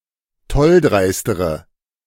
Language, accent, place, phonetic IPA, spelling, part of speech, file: German, Germany, Berlin, [ˈtɔlˌdʁaɪ̯stəʁə], tolldreistere, adjective, De-tolldreistere.ogg
- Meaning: inflection of tolldreist: 1. strong/mixed nominative/accusative feminine singular comparative degree 2. strong nominative/accusative plural comparative degree